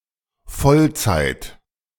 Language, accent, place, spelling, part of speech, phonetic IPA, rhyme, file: German, Germany, Berlin, Vollzeit, noun, [ˈfɔlˌt͡saɪ̯t], -ɔlt͡saɪ̯t, De-Vollzeit.ogg
- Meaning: full time